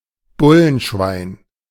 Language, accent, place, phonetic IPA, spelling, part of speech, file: German, Germany, Berlin, [ˈbʊlənˌʃvaɪ̯n], Bullenschwein, noun, De-Bullenschwein.ogg
- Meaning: pig (police officer)